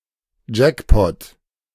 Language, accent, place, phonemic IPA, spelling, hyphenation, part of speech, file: German, Germany, Berlin, /ˈd͡ʒɛkpɔt/, Jackpot, Jack‧pot, noun, De-Jackpot.ogg
- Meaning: jackpot